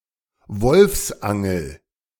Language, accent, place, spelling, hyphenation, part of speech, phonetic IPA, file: German, Germany, Berlin, Wolfsangel, Wolfs‧an‧gel, noun, [ˈvɔlfsʔaŋl̩], De-Wolfsangel.ogg
- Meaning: 1. wolf hook 2. wolfsangel